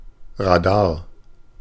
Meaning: radar
- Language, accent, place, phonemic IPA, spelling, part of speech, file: German, Germany, Berlin, /raˈdaːr/, Radar, noun, De-Radar.ogg